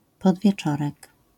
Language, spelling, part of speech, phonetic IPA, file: Polish, podwieczorek, noun, [ˌpɔdvʲjɛˈt͡ʃɔrɛk], LL-Q809 (pol)-podwieczorek.wav